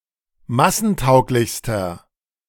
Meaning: inflection of massentauglich: 1. strong/mixed nominative masculine singular superlative degree 2. strong genitive/dative feminine singular superlative degree
- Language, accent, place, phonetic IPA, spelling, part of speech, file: German, Germany, Berlin, [ˈmasn̩ˌtaʊ̯klɪçstɐ], massentauglichster, adjective, De-massentauglichster.ogg